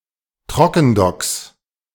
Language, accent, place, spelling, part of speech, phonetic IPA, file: German, Germany, Berlin, Trockendocks, noun, [ˈtʁɔkn̩ˌdɔks], De-Trockendocks.ogg
- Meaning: 1. plural of Trockendock 2. genitive singular of Trockendock